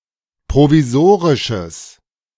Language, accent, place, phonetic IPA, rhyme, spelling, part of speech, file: German, Germany, Berlin, [pʁoviˈzoːʁɪʃəs], -oːʁɪʃəs, provisorisches, adjective, De-provisorisches.ogg
- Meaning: strong/mixed nominative/accusative neuter singular of provisorisch